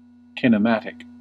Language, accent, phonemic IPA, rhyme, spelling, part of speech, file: English, US, /kɪn.əˈmæt.ɪk/, -ætɪk, kinematic, adjective, En-us-kinematic.ogg
- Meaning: Of or relating to motion or to kinematics